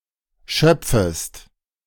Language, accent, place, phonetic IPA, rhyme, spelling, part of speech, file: German, Germany, Berlin, [ˈʃœp͡fəst], -œp͡fəst, schöpfest, verb, De-schöpfest.ogg
- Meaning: second-person singular subjunctive I of schöpfen